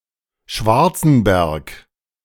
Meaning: 1. a municipality of Vorarlberg, Austria 2. a town in Saxony, Germany 3. a municipality of Lucerne, Switzerland
- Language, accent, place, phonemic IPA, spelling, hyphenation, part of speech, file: German, Germany, Berlin, /ˈʃvaʁt͡sn̩ˌbɛʁk/, Schwarzenberg, Schwar‧zen‧berg, proper noun, De-Schwarzenberg.ogg